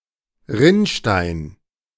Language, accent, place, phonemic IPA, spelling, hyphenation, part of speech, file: German, Germany, Berlin, /ˈʁɪnˌʃtaɪ̯n/, Rinnstein, Rinn‧stein, noun, De-Rinnstein.ogg
- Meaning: sewer, street gutter (depression that runs parallel to a road and is designed to collect rainwater that flows along the street diverting it into a storm drain)